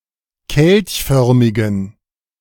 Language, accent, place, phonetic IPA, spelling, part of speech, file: German, Germany, Berlin, [ˈkɛlçˌfœʁmɪɡn̩], kelchförmigen, adjective, De-kelchförmigen.ogg
- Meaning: inflection of kelchförmig: 1. strong genitive masculine/neuter singular 2. weak/mixed genitive/dative all-gender singular 3. strong/weak/mixed accusative masculine singular 4. strong dative plural